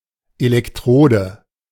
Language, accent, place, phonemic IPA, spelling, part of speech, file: German, Germany, Berlin, /elɛkˈtʁoːdə/, Elektrode, noun, De-Elektrode.ogg
- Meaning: electrode